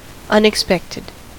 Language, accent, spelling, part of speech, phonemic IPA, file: English, US, unexpected, adjective / noun, /ʌnɪkˈspɛktɪd/, En-us-unexpected.ogg
- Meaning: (adjective) Not expected, anticipated or foreseen; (noun) Someone or something unexpected